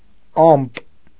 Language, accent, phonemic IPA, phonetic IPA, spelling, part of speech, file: Armenian, Eastern Armenian, /ɑmp/, [ɑmp], ամպ, noun, Hy-ամպ.ogg
- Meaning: 1. cloud 2. sorrow, grief